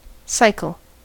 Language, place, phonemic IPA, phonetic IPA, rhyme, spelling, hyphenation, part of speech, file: English, California, /ˈsaɪ.kəl/, [ˈsʌɪ.kəl], -aɪkəl, cycle, cyc‧le, noun / verb, En-us-cycle.ogg
- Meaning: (noun) 1. An interval of space or time in which one set of events or phenomena is completed 2. A complete rotation of anything